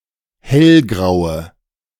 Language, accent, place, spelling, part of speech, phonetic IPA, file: German, Germany, Berlin, hellgraue, adjective, [ˈhɛlˌɡʁaʊ̯ə], De-hellgraue.ogg
- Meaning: inflection of hellgrau: 1. strong/mixed nominative/accusative feminine singular 2. strong nominative/accusative plural 3. weak nominative all-gender singular